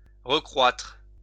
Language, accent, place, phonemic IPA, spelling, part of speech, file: French, France, Lyon, /ʁə.kʁwatʁ/, recroître, verb, LL-Q150 (fra)-recroître.wav
- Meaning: to reincrease; to reaugment